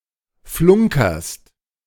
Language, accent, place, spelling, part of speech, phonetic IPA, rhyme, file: German, Germany, Berlin, flunkerst, verb, [ˈflʊŋkɐst], -ʊŋkɐst, De-flunkerst.ogg
- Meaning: second-person singular present of flunkern